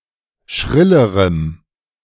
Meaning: strong dative masculine/neuter singular comparative degree of schrill
- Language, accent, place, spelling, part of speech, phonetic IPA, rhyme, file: German, Germany, Berlin, schrillerem, adjective, [ˈʃʁɪləʁəm], -ɪləʁəm, De-schrillerem.ogg